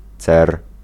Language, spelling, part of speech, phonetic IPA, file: Polish, cer, noun, [t͡sɛr], Pl-cer.ogg